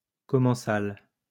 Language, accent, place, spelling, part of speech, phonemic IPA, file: French, France, Lyon, commensal, adjective / noun, /kɔ.mɑ̃.sal/, LL-Q150 (fra)-commensal.wav
- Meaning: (adjective) commensal; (noun) commensal, tablemate